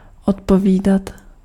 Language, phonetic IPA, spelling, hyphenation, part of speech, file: Czech, [ˈotpoviːdat], odpovídat, od‧po‧ví‧dat, verb, Cs-odpovídat.ogg
- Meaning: 1. imperfective form of odpovědět 2. to correspond 3. to match